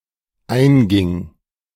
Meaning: first/third-person singular dependent preterite of eingehen
- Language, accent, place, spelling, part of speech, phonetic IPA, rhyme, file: German, Germany, Berlin, einging, verb, [ˈaɪ̯nˌɡɪŋ], -aɪ̯nɡɪŋ, De-einging.ogg